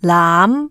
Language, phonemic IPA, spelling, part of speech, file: Cantonese, /laːm˧˥/, laam2, romanization, Yue-laam2.ogg
- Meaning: Jyutping transcription of 杬